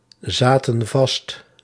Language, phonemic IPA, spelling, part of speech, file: Dutch, /ˈzatə(n) ˈvɑst/, zaten vast, verb, Nl-zaten vast.ogg
- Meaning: inflection of vastzitten: 1. plural past indicative 2. plural past subjunctive